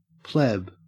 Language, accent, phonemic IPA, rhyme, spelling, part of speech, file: English, Australia, /plɛb/, -ɛb, pleb, noun / adjective, En-au-pleb.ogg
- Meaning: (noun) 1. A commoner; a member of the lower class of a society 2. A common person; an unsophisticated or cultureless person 3. A freshman cadet at a military academy